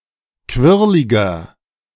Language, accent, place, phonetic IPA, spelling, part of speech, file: German, Germany, Berlin, [ˈkvɪʁlɪɡɐ], quirliger, adjective, De-quirliger.ogg
- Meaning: 1. comparative degree of quirlig 2. inflection of quirlig: strong/mixed nominative masculine singular 3. inflection of quirlig: strong genitive/dative feminine singular